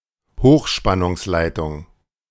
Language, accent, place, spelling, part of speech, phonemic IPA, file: German, Germany, Berlin, Hochspannungsleitung, noun, /ˈhoːxʃpanʊŋslaɪ̯tʊŋ/, De-Hochspannungsleitung.ogg
- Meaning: high-voltage transmission line